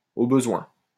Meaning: if need be
- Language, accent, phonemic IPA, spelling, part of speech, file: French, France, /o bə.zwɛ̃/, au besoin, adverb, LL-Q150 (fra)-au besoin.wav